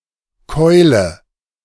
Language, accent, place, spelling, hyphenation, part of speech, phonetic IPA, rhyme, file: German, Germany, Berlin, Keule, Keu‧le, noun, [ˈkɔɪ̯lə], -ɔɪ̯lə, De-Keule.ogg
- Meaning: 1. club (weapon) 2. club (for juggling) 3. pestle 4. leg (of animal, eaten as meat) 5. bro, mate, dude